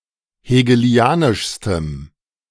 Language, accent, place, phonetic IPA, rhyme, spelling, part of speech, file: German, Germany, Berlin, [heːɡəˈli̯aːnɪʃstəm], -aːnɪʃstəm, hegelianischstem, adjective, De-hegelianischstem.ogg
- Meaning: strong dative masculine/neuter singular superlative degree of hegelianisch